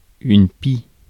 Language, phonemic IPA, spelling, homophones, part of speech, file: French, /pi/, pie, pi / Pie / pies / pis, noun, Fr-pie.ogg
- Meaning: magpie